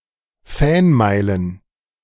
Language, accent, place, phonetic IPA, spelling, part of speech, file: German, Germany, Berlin, [ˈfɛnˌmaɪ̯lən], Fanmeilen, noun, De-Fanmeilen.ogg
- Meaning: plural of Fanmeile